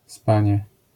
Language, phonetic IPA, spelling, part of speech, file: Polish, [ˈspãɲɛ], spanie, noun, LL-Q809 (pol)-spanie.wav